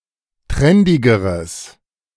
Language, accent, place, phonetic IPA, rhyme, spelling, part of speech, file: German, Germany, Berlin, [ˈtʁɛndɪɡəʁəs], -ɛndɪɡəʁəs, trendigeres, adjective, De-trendigeres.ogg
- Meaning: strong/mixed nominative/accusative neuter singular comparative degree of trendig